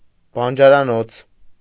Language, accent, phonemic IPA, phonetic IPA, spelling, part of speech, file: Armenian, Eastern Armenian, /bɑnd͡ʒɑɾɑˈnot͡sʰ/, [bɑnd͡ʒɑɾɑnót͡sʰ], բանջարանոց, noun, Hy-բանջարանոց.ogg
- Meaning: vegetable garden